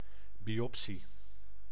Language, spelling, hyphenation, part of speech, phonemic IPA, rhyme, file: Dutch, biopsie, bi‧op‧sie, noun, /ˌbi.ɔpˈsi/, -i, Nl-biopsie.ogg
- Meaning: a biopsy